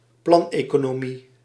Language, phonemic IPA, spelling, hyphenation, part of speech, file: Dutch, /ˈplɑn.eː.koː.noːˌmi/, planeconomie, plan‧eco‧no‧mie, noun, Nl-planeconomie.ogg
- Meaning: planned economy